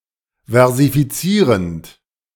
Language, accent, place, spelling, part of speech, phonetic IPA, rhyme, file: German, Germany, Berlin, versifizierend, verb, [vɛʁzifiˈt͡siːʁənt], -iːʁənt, De-versifizierend.ogg
- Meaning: present participle of versifizieren